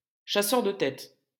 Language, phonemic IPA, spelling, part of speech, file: French, /ʃa.sœʁ də tɛt/, chasseur de têtes, noun, LL-Q150 (fra)-chasseur de têtes.wav
- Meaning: 1. headhunter, talent scout (recruiter) 2. headhunter (savage who cuts off the heads of his enemies)